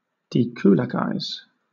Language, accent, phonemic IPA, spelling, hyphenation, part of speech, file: English, Southern England, /dɪˈkuːlækaɪz/, dekulakize, de‧ku‧lak‧ize, verb, LL-Q1860 (eng)-dekulakize.wav
- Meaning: Usually with reference to the Soviet Union and communist Eastern Europe: to dispossess a kulak (that is, a prosperous peasant) of his or her property and/or rights